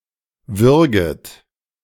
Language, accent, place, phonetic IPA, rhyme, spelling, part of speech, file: German, Germany, Berlin, [ˈvʏʁɡət], -ʏʁɡət, würget, verb, De-würget.ogg
- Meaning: second-person plural subjunctive I of würgen